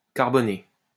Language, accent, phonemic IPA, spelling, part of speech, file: French, France, /kaʁ.bɔ.ne/, carboné, verb / adjective, LL-Q150 (fra)-carboné.wav
- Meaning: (verb) past participle of carboner; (adjective) 1. carbonaceous 2. carbonized